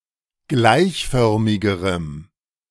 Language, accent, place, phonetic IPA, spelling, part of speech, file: German, Germany, Berlin, [ˈɡlaɪ̯çˌfœʁmɪɡəʁəm], gleichförmigerem, adjective, De-gleichförmigerem.ogg
- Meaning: strong dative masculine/neuter singular comparative degree of gleichförmig